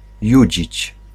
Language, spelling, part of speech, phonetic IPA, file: Polish, judzić, verb, [ˈjüd͡ʑit͡ɕ], Pl-judzić.ogg